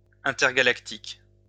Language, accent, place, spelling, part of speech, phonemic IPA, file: French, France, Lyon, intergalactique, adjective, /ɛ̃.tɛʁ.ɡa.lak.tik/, LL-Q150 (fra)-intergalactique.wav
- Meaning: intergalactic (occurring between galaxies)